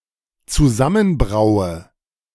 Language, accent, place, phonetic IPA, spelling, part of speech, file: German, Germany, Berlin, [t͡suˈzamənˌbʁaʊ̯ə], zusammenbraue, verb, De-zusammenbraue.ogg
- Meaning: inflection of zusammenbrauen: 1. first-person singular dependent present 2. first/third-person singular dependent subjunctive I